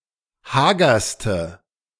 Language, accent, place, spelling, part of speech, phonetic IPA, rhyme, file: German, Germany, Berlin, hagerste, adjective, [ˈhaːɡɐstə], -aːɡɐstə, De-hagerste.ogg
- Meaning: inflection of hager: 1. strong/mixed nominative/accusative feminine singular superlative degree 2. strong nominative/accusative plural superlative degree